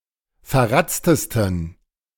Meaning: 1. superlative degree of verratzt 2. inflection of verratzt: strong genitive masculine/neuter singular superlative degree
- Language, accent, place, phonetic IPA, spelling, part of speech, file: German, Germany, Berlin, [fɛɐ̯ˈʁat͡stəstn̩], verratztesten, adjective, De-verratztesten.ogg